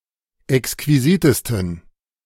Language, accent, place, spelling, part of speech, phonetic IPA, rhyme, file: German, Germany, Berlin, exquisitesten, adjective, [ɛkskviˈziːtəstn̩], -iːtəstn̩, De-exquisitesten.ogg
- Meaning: 1. superlative degree of exquisit 2. inflection of exquisit: strong genitive masculine/neuter singular superlative degree